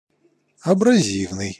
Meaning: abrasive
- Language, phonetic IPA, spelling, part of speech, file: Russian, [ɐbrɐˈzʲivnɨj], абразивный, adjective, Ru-абразивный.ogg